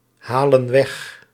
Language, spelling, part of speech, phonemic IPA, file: Dutch, halen weg, verb, /ˈhalə(n) ˈwɛx/, Nl-halen weg.ogg
- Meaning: inflection of weghalen: 1. plural present indicative 2. plural present subjunctive